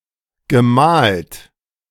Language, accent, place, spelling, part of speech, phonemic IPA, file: German, Germany, Berlin, gemalt, verb, /ɡəˈmaːlt/, De-gemalt.ogg
- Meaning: past participle of malen